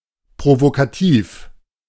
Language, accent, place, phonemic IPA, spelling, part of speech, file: German, Germany, Berlin, /pʁovokaˈtiːf/, provokativ, adjective, De-provokativ.ogg
- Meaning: provocative